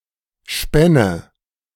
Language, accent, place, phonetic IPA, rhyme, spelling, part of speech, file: German, Germany, Berlin, [ˈʃpɛnə], -ɛnə, spänne, verb, De-spänne.ogg
- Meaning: first/third-person singular subjunctive II of spinnen